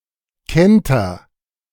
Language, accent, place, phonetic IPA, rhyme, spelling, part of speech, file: German, Germany, Berlin, [ˈkɛntɐ], -ɛntɐ, kenter, verb, De-kenter.ogg
- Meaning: inflection of kentern: 1. first-person singular present 2. singular imperative